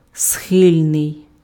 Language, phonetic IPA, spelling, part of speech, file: Ukrainian, [ˈsxɪlʲnei̯], схильний, adjective, Uk-схильний.ogg
- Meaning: inclined, disposed, prone, liable, apt (+ до (do) / infinitive) (having a propensity towards something)